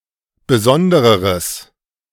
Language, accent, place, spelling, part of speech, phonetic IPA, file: German, Germany, Berlin, besondereres, adjective, [bəˈzɔndəʁəʁəs], De-besondereres.ogg
- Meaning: strong/mixed nominative/accusative neuter singular comparative degree of besondere